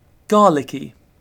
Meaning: Tasting or smelling of garlic
- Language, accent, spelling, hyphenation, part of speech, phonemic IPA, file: English, Received Pronunciation, garlicky, gar‧lic‧ky, adjective, /ˈɡɑːlɪki/, En-uk-garlicky.ogg